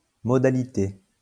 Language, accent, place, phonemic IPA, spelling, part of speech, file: French, France, Lyon, /mɔ.da.li.te/, modalité, noun, LL-Q150 (fra)-modalité.wav
- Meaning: 1. modality, manner 2. terms, conditions, methods, procedures, practical details